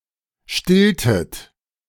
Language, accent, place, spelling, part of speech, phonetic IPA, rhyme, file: German, Germany, Berlin, stilltet, verb, [ˈʃtɪltət], -ɪltət, De-stilltet.ogg
- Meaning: inflection of stillen: 1. second-person plural preterite 2. second-person plural subjunctive II